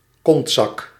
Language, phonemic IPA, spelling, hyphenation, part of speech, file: Dutch, /ˈkɔnt.sɑk/, kontzak, kont‧zak, noun, Nl-kontzak.ogg
- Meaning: back pocket